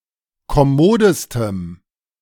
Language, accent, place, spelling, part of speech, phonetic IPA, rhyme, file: German, Germany, Berlin, kommodestem, adjective, [kɔˈmoːdəstəm], -oːdəstəm, De-kommodestem.ogg
- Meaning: strong dative masculine/neuter singular superlative degree of kommod